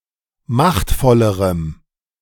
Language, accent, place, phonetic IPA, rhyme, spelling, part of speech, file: German, Germany, Berlin, [ˈmaxtfɔləʁəm], -axtfɔləʁəm, machtvollerem, adjective, De-machtvollerem.ogg
- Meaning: strong dative masculine/neuter singular comparative degree of machtvoll